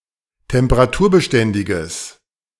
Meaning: strong/mixed nominative/accusative neuter singular of temperaturbeständig
- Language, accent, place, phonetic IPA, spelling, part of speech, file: German, Germany, Berlin, [tɛmpəʁaˈtuːɐ̯bəˌʃtɛndɪɡəs], temperaturbeständiges, adjective, De-temperaturbeständiges.ogg